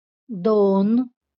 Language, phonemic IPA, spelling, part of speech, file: Marathi, /d̪on/, दोन, numeral, LL-Q1571 (mar)-दोन.wav
- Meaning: two